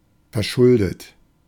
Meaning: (verb) past participle of verschulden; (adjective) indebted; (verb) inflection of verschulden: 1. third-person singular present 2. second-person plural present 3. plural imperative
- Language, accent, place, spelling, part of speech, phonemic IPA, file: German, Germany, Berlin, verschuldet, verb / adjective, /fɛɐ̯ˈʃʊldət/, De-verschuldet.ogg